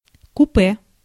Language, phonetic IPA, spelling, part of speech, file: Russian, [kʊˈpɛ], купе, noun, Ru-купе.ogg
- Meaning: 1. compartment, couchette 2. coupé, coupe (a sporty automobile with two doors)